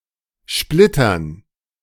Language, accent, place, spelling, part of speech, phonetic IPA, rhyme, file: German, Germany, Berlin, Splittern, noun, [ˈʃplɪtɐn], -ɪtɐn, De-Splittern.ogg
- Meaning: dative plural of Splitter